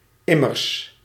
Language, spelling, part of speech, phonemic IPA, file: Dutch, immers, adverb, /ˈɪmərs/, Nl-immers.ogg
- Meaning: Indicates that an explanation is being given for an earlier statement.; indeed, after all